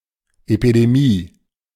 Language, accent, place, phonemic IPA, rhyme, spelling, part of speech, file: German, Germany, Berlin, /epideˈmiː/, -iː, Epidemie, noun, De-Epidemie.ogg
- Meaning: epidemic (widespread disease)